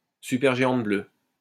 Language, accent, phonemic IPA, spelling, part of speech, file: French, France, /sy.pɛʁ.ʒe.ɑ̃t blø/, supergéante bleue, noun, LL-Q150 (fra)-supergéante bleue.wav
- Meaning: blue supergiant